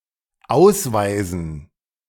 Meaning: dative plural of Ausweis
- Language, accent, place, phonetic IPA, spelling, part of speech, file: German, Germany, Berlin, [ˈaʊ̯sˌvaɪ̯zn̩], Ausweisen, noun, De-Ausweisen.ogg